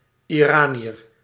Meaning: an Iranian (person from Iran or of Iranian descent)
- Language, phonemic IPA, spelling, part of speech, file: Dutch, /iˈraː.ni.ər/, Iraniër, noun, Nl-Iraniër.ogg